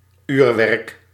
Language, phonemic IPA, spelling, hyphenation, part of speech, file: Dutch, /ˈyːr.ʋɛrk/, uurwerk, uur‧werk, noun, Nl-uurwerk.ogg
- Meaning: timekeeping mechanism, or a device with such a mechanism, such as: 1. clock 2. watch